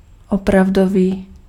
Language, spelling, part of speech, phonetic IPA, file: Czech, opravdový, adjective, [ˈopravdoviː], Cs-opravdový.ogg
- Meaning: real